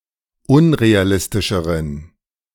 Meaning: inflection of unrealistisch: 1. strong genitive masculine/neuter singular comparative degree 2. weak/mixed genitive/dative all-gender singular comparative degree
- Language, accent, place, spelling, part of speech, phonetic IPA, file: German, Germany, Berlin, unrealistischeren, adjective, [ˈʊnʁeaˌlɪstɪʃəʁən], De-unrealistischeren.ogg